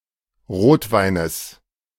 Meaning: genitive singular of Rotwein
- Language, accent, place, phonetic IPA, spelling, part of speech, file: German, Germany, Berlin, [ˈʁoːtˌvaɪ̯nəs], Rotweines, noun, De-Rotweines.ogg